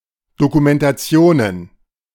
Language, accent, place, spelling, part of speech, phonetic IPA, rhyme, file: German, Germany, Berlin, Dokumentationen, noun, [dokumɛntaˈt͡si̯oːnən], -oːnən, De-Dokumentationen.ogg
- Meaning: plural of Dokumentation